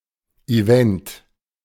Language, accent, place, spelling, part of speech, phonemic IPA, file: German, Germany, Berlin, Event, noun, /iˈvɛnt/, De-Event.ogg
- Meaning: event